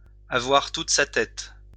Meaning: to have one's wits about one, to have all one's marbles, to be all there
- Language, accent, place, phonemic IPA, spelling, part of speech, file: French, France, Lyon, /a.vwaʁ tut sa tɛt/, avoir toute sa tête, verb, LL-Q150 (fra)-avoir toute sa tête.wav